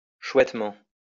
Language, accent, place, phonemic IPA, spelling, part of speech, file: French, France, Lyon, /ʃwɛt.mɑ̃/, chouettement, adverb, LL-Q150 (fra)-chouettement.wav
- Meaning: really well